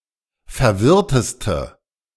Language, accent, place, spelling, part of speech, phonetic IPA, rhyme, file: German, Germany, Berlin, verwirrteste, adjective, [fɛɐ̯ˈvɪʁtəstə], -ɪʁtəstə, De-verwirrteste.ogg
- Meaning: inflection of verwirrt: 1. strong/mixed nominative/accusative feminine singular superlative degree 2. strong nominative/accusative plural superlative degree